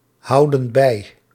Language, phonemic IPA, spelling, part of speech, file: Dutch, /ˈhɑudə(n) ˈbɛi/, houden bij, verb, Nl-houden bij.ogg
- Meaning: inflection of bijhouden: 1. plural present indicative 2. plural present subjunctive